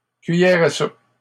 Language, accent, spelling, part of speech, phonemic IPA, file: French, Canada, cuillères à soupe, noun, /kɥi.jɛʁ a sup/, LL-Q150 (fra)-cuillères à soupe.wav
- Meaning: plural of cuillère à soupe